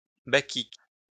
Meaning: plural of bacchique
- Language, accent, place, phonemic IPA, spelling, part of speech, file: French, France, Lyon, /ba.kik/, bacchiques, adjective, LL-Q150 (fra)-bacchiques.wav